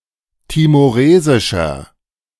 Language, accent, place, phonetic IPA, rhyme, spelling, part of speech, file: German, Germany, Berlin, [timoˈʁeːzɪʃɐ], -eːzɪʃɐ, timoresischer, adjective, De-timoresischer.ogg
- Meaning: inflection of timoresisch: 1. strong/mixed nominative masculine singular 2. strong genitive/dative feminine singular 3. strong genitive plural